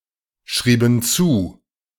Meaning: inflection of zuschreiben: 1. first/third-person plural preterite 2. first/third-person plural subjunctive II
- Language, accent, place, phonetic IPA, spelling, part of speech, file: German, Germany, Berlin, [ˌʃʁiːbn̩ ˈt͡suː], schrieben zu, verb, De-schrieben zu.ogg